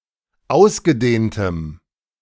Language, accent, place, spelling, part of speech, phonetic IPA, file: German, Germany, Berlin, ausgedehntem, adjective, [ˈaʊ̯sɡəˌdeːntəm], De-ausgedehntem.ogg
- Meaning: strong dative masculine/neuter singular of ausgedehnt